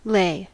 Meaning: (verb) 1. To place down in a position of rest, or in a horizontal position 2. To cause to subside or abate
- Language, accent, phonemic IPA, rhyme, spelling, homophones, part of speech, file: English, US, /leɪ/, -eɪ, lay, lei / ley, verb / noun / adjective, En-us-lay.ogg